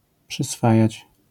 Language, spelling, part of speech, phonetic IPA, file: Polish, przyswajać, verb, [pʃɨsˈfajät͡ɕ], LL-Q809 (pol)-przyswajać.wav